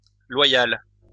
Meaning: feminine singular of loyal
- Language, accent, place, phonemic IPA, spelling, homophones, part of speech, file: French, France, Lyon, /lwa.jal/, loyale, loyal / loyales, adjective, LL-Q150 (fra)-loyale.wav